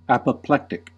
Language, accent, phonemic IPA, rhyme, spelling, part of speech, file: English, US, /ˌæp.əˈplɛk.tɪk/, -ɛktɪk, apoplectic, adjective / noun, En-us-apoplectic.ogg
- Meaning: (adjective) 1. Of or relating to apoplexy 2. Marked by extreme anger or fury 3. Effused with blood; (noun) A person suffering from apoplexy